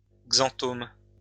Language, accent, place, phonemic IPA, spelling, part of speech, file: French, France, Lyon, /ɡzɑ̃.tom/, xanthome, noun, LL-Q150 (fra)-xanthome.wav
- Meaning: xanthoma